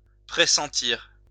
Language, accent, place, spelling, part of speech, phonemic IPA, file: French, France, Lyon, pressentir, verb, /pʁe.sɑ̃.tiʁ/, LL-Q150 (fra)-pressentir.wav
- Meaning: 1. to have a premonition 2. to foresee (mysteriously)